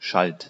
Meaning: first/third-person singular preterite of schelten
- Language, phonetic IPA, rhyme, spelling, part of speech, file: German, [ʃalt], -alt, schalt, verb, De-schalt.ogg